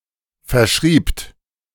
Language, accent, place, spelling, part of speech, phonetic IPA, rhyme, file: German, Germany, Berlin, verschriebt, verb, [fɛɐ̯ˈʃʁiːpt], -iːpt, De-verschriebt.ogg
- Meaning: second-person plural preterite of verschreiben